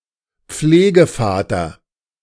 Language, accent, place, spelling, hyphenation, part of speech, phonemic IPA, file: German, Germany, Berlin, Pflegevater, Pfle‧ge‧va‧ter, noun, /ˈp͡fleːɡəˌfaːtɐ/, De-Pflegevater.ogg
- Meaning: foster father